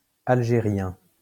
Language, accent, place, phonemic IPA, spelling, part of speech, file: French, France, Lyon, /al.ʒe.ʁjɛ̃/, algérien, adjective / noun, LL-Q150 (fra)-algérien.wav
- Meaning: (adjective) 1. Algerian (of, from or relating to the Regency of Algiers) 2. Algerian (of, from or relating to Algeria); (noun) Algerian Arabic